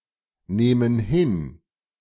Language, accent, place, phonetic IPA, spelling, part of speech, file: German, Germany, Berlin, [ˌneːmən ˈhɪn], nehmen hin, verb, De-nehmen hin.ogg
- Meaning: inflection of hinnehmen: 1. first/third-person plural present 2. first/third-person plural subjunctive I